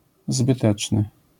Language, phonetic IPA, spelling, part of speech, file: Polish, [zbɨˈtɛt͡ʃnɨ], zbyteczny, adjective, LL-Q809 (pol)-zbyteczny.wav